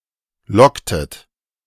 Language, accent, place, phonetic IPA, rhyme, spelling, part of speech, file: German, Germany, Berlin, [ˈlɔktət], -ɔktət, locktet, verb, De-locktet.ogg
- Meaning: inflection of locken: 1. second-person plural preterite 2. second-person plural subjunctive II